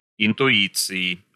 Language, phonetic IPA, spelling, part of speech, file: Russian, [ɪntʊˈit͡sɨɪ], интуиции, noun, Ru-интуиции.ogg
- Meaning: inflection of интуи́ция (intuícija): 1. genitive/dative/prepositional singular 2. nominative/accusative plural